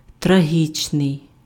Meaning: tragic, tragical
- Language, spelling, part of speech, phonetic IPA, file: Ukrainian, трагічний, adjective, [trɐˈɦʲit͡ʃnei̯], Uk-трагічний.ogg